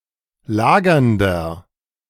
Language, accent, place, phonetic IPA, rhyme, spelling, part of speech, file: German, Germany, Berlin, [ˈlaːɡɐndɐ], -aːɡɐndɐ, lagernder, adjective, De-lagernder.ogg
- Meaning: inflection of lagernd: 1. strong/mixed nominative masculine singular 2. strong genitive/dative feminine singular 3. strong genitive plural